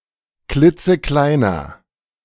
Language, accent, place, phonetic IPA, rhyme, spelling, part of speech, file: German, Germany, Berlin, [ˈklɪt͡səˈklaɪ̯nɐ], -aɪ̯nɐ, klitzekleiner, adjective, De-klitzekleiner.ogg
- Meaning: 1. comparative degree of klitzeklein 2. inflection of klitzeklein: strong/mixed nominative masculine singular 3. inflection of klitzeklein: strong genitive/dative feminine singular